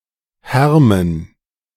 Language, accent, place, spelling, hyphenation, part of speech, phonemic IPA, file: German, Germany, Berlin, härmen, här‧men, verb, /ˈhɛʁmən/, De-härmen.ogg
- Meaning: to worry